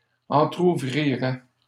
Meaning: first/second-person singular conditional of entrouvrir
- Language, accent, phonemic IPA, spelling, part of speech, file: French, Canada, /ɑ̃.tʁu.vʁi.ʁɛ/, entrouvrirais, verb, LL-Q150 (fra)-entrouvrirais.wav